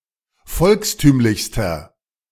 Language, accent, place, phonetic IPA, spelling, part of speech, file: German, Germany, Berlin, [ˈfɔlksˌtyːmlɪçstɐ], volkstümlichster, adjective, De-volkstümlichster.ogg
- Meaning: inflection of volkstümlich: 1. strong/mixed nominative masculine singular superlative degree 2. strong genitive/dative feminine singular superlative degree 3. strong genitive plural superlative degree